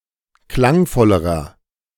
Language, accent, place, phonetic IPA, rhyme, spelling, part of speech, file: German, Germany, Berlin, [ˈklaŋˌfɔləʁɐ], -aŋfɔləʁɐ, klangvollerer, adjective, De-klangvollerer.ogg
- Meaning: inflection of klangvoll: 1. strong/mixed nominative masculine singular comparative degree 2. strong genitive/dative feminine singular comparative degree 3. strong genitive plural comparative degree